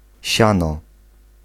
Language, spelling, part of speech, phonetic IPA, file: Polish, siano, noun / verb, [ˈɕãnɔ], Pl-siano.ogg